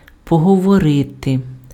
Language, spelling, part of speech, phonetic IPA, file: Ukrainian, поговорити, verb, [pɔɦɔwɔˈrɪte], Uk-поговорити.ogg
- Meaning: to talk, to speak, to have a word